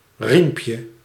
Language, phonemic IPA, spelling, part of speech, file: Dutch, /ˈrimpjə/, riempje, noun, Nl-riempje.ogg
- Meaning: diminutive of riem